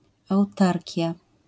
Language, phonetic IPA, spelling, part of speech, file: Polish, [awˈtarʲca], autarkia, noun, LL-Q809 (pol)-autarkia.wav